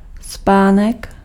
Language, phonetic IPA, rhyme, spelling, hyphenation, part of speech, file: Czech, [ˈspaːnɛk], -aːnɛk, spánek, spá‧nek, noun, Cs-spánek.ogg
- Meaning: 1. sleep 2. temple (region of skull)